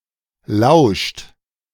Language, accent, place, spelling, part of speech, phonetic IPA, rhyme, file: German, Germany, Berlin, lauscht, verb, [laʊ̯ʃt], -aʊ̯ʃt, De-lauscht.ogg
- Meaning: inflection of lauschen: 1. second-person plural present 2. third-person singular present 3. plural imperative